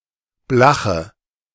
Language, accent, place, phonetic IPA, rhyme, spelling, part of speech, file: German, Germany, Berlin, [ˈblaxə], -axə, blache, adjective, De-blache.ogg
- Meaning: inflection of blach: 1. strong/mixed nominative/accusative feminine singular 2. strong nominative/accusative plural 3. weak nominative all-gender singular 4. weak accusative feminine/neuter singular